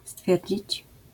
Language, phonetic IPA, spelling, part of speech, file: Polish, [ˈstfʲjɛrʲd͡ʑit͡ɕ], stwierdzić, verb, LL-Q809 (pol)-stwierdzić.wav